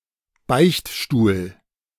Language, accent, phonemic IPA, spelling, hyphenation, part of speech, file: German, Germany, /ˈbaɪ̯çtˌʃtuːl/, Beichtstuhl, Beicht‧stuhl, noun, De-Beichtstuhl.ogg
- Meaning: confessional